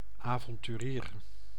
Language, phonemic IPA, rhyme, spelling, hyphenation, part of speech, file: Dutch, /ˌaː.vɔn.tyˈriːr/, -iːr, avonturier, avon‧tu‧rier, noun, Nl-avonturier.ogg
- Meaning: adventurer